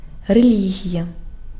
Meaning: religion
- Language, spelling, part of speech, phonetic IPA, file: Ukrainian, релігія, noun, [reˈlʲiɦʲijɐ], Uk-релігія.ogg